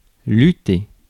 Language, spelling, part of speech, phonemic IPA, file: French, lutter, verb, /ly.te/, Fr-lutter.ogg
- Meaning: 1. to struggle, to fight 2. to wrestle